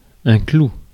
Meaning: 1. nail (metal pin) 2. clove (of garlic) 3. highlight, climax 4. not likely, no way, you'll be so lucky
- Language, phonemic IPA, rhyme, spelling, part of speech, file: French, /klu/, -u, clou, noun, Fr-clou.ogg